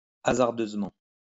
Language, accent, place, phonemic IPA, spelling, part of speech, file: French, France, Lyon, /a.zaʁ.døz.mɑ̃/, hasardeusement, adverb, LL-Q150 (fra)-hasardeusement.wav
- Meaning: 1. riskily, hazardously 2. daringly